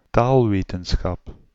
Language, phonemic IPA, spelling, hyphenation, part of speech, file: Dutch, /ˈtaːl.ʋeː.tə(n).sxɑp/, taalwetenschap, taal‧we‧ten‧schap, noun, Nl-taalwetenschap.ogg
- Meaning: linguistics